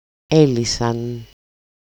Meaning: third-person plural simple past active indicative of λύνω (lýno)
- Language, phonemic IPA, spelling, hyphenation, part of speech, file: Greek, /ˈe.li.san/, έλυσαν, έ‧λυ‧σαν, verb, El-έλυσαν.ogg